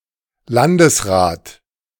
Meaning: a state minister
- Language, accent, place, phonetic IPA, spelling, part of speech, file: German, Germany, Berlin, [ˈlandəsˌʁaːt], Landesrat, noun, De-Landesrat.ogg